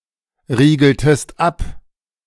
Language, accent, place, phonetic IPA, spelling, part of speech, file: German, Germany, Berlin, [ˌʁiːɡl̩təst ˈap], riegeltest ab, verb, De-riegeltest ab.ogg
- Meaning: inflection of abriegeln: 1. second-person singular preterite 2. second-person singular subjunctive II